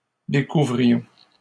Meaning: inflection of découvrir: 1. first-person plural imperfect indicative 2. first-person plural present subjunctive
- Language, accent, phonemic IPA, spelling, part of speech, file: French, Canada, /de.ku.vʁi.jɔ̃/, découvrions, verb, LL-Q150 (fra)-découvrions.wav